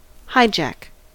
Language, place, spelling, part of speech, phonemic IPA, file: English, California, hijack, verb / noun, /ˈhaɪ.d͡ʒæk/, En-us-hijack.ogg
- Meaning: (verb) To forcibly seize control of some vehicle in order to rob it or to reach a destination (especially an airplane, truck or a boat)